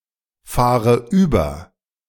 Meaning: inflection of überfahren: 1. first-person singular present 2. first/third-person singular subjunctive I 3. singular imperative
- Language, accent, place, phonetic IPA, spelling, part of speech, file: German, Germany, Berlin, [ˌfaːʁə ˈyːbɐ], fahre über, verb, De-fahre über.ogg